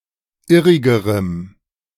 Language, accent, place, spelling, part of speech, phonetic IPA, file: German, Germany, Berlin, irrigerem, adjective, [ˈɪʁɪɡəʁəm], De-irrigerem.ogg
- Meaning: strong dative masculine/neuter singular comparative degree of irrig